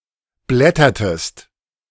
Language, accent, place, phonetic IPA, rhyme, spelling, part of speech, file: German, Germany, Berlin, [ˈblɛtɐtəst], -ɛtɐtəst, blättertest, verb, De-blättertest.ogg
- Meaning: inflection of blättern: 1. second-person singular preterite 2. second-person singular subjunctive II